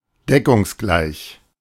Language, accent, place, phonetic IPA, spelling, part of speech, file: German, Germany, Berlin, [ˈdɛkʊŋsˌɡlaɪ̯ç], deckungsgleich, adjective, De-deckungsgleich.ogg
- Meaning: congruent